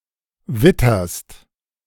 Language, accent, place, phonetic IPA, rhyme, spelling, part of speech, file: German, Germany, Berlin, [ˈvɪtɐst], -ɪtɐst, witterst, verb, De-witterst.ogg
- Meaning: second-person singular present of wittern